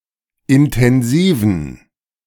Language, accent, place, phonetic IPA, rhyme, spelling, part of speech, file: German, Germany, Berlin, [ɪntɛnˈziːvn̩], -iːvn̩, intensiven, adjective, De-intensiven.ogg
- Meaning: inflection of intensiv: 1. strong genitive masculine/neuter singular 2. weak/mixed genitive/dative all-gender singular 3. strong/weak/mixed accusative masculine singular 4. strong dative plural